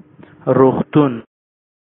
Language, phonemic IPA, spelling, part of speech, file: Pashto, /roɣˈt̪un/, روغتون, noun, Ps-روغتون.oga
- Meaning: hospital